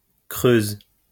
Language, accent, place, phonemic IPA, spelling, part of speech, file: French, France, Lyon, /kʁøz/, creuse, adjective / verb, LL-Q150 (fra)-creuse.wav
- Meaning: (adjective) feminine singular of creux; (verb) inflection of creuser: 1. first/third-person singular present indicative/subjunctive 2. second-person singular imperative